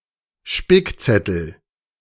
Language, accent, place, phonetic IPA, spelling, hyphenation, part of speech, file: German, Germany, Berlin, [ˈʃpɪkˌt͡sɛtl̩], Spickzettel, Spick‧zet‧tel, noun, De-Spickzettel.ogg
- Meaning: cheat sheet